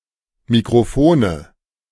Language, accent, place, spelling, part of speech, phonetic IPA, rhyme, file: German, Germany, Berlin, Mikrofone, noun, [mikʁoˈfoːnə], -oːnə, De-Mikrofone.ogg
- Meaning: nominative/accusative/genitive plural of Mikrofon